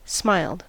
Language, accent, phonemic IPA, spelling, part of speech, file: English, General American, /smaɪld/, smiled, verb, En-us-smiled.ogg
- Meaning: simple past and past participle of smile